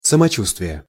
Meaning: health, feeling (well or bad)
- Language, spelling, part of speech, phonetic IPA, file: Russian, самочувствие, noun, [səmɐˈt͡ɕustvʲɪje], Ru-самочувствие.ogg